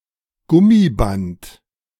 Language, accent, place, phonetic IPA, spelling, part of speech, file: German, Germany, Berlin, [ˈɡʊmiˌbant], Gummiband, noun, De-Gummiband.ogg
- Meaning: rubber band